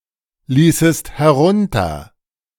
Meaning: second-person singular subjunctive II of herunterlassen
- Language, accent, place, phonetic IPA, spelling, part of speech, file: German, Germany, Berlin, [ˌliːsəst hɛˈʁʊntɐ], ließest herunter, verb, De-ließest herunter.ogg